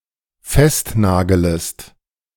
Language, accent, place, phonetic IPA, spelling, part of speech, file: German, Germany, Berlin, [ˈfɛstˌnaːɡələst], festnagelest, verb, De-festnagelest.ogg
- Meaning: second-person singular dependent subjunctive I of festnageln